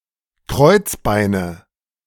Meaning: nominative/accusative/genitive plural of Kreuzbein
- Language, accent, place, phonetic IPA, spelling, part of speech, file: German, Germany, Berlin, [ˈkʁɔɪ̯t͡sˌbaɪ̯nə], Kreuzbeine, noun, De-Kreuzbeine.ogg